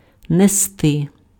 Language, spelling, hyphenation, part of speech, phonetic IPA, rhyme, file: Ukrainian, нести, не‧сти, verb, [neˈstɪ], -ɪ, Uk-нести.ogg
- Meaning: to carry (on foot)